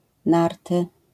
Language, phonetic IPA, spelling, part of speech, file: Polish, [ˈnartɨ], narty, noun, LL-Q809 (pol)-narty.wav